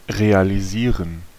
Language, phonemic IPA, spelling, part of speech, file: German, /ˌʁeːaliˈziːʁən/, realisieren, verb, De-realisieren.ogg
- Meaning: 1. to realize (to make real, to implement) 2. to realize, to understand (to become aware of)